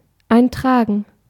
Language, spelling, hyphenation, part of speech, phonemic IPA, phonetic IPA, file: German, eintragen, ein‧tra‧gen, verb, /ˈaɪ̯nˌtʁaːɡən/, [ˈʔaɪ̯nˌtʁaːɡŋ̍], De-eintragen.ogg
- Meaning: 1. to endorse 2. to enter, to record 3. to inscribe, to enrol